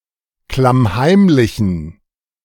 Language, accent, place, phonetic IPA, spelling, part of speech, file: German, Germany, Berlin, [klamˈhaɪ̯mlɪçn̩], klammheimlichen, adjective, De-klammheimlichen.ogg
- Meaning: inflection of klammheimlich: 1. strong genitive masculine/neuter singular 2. weak/mixed genitive/dative all-gender singular 3. strong/weak/mixed accusative masculine singular 4. strong dative plural